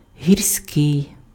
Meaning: mountain (attributive)
- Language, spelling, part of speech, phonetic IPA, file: Ukrainian, гірський, adjective, [ɦʲirˈsʲkɪi̯], Uk-гірський.ogg